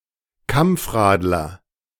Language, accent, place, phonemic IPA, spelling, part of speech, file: German, Germany, Berlin, /ˈkamp͡fˌʁaːdlɐ/, Kampfradler, noun, De-Kampfradler.ogg
- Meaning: inconsiderate cyclist